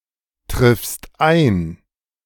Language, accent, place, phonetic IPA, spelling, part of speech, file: German, Germany, Berlin, [ˌtʁɪfst ˈaɪ̯n], triffst ein, verb, De-triffst ein.ogg
- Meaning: second-person singular present of eintreffen